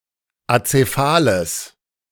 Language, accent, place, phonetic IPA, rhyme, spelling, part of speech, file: German, Germany, Berlin, [at͡seˈfaːləs], -aːləs, azephales, adjective, De-azephales.ogg
- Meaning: strong/mixed nominative/accusative neuter singular of azephal